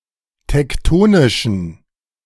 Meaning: inflection of tektonisch: 1. strong genitive masculine/neuter singular 2. weak/mixed genitive/dative all-gender singular 3. strong/weak/mixed accusative masculine singular 4. strong dative plural
- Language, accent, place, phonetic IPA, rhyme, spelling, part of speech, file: German, Germany, Berlin, [tɛkˈtoːnɪʃn̩], -oːnɪʃn̩, tektonischen, adjective, De-tektonischen.ogg